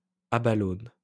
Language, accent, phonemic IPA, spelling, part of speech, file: French, France, /a.ba.lɔn/, abalone, noun, LL-Q150 (fra)-abalone.wav
- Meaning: the abalone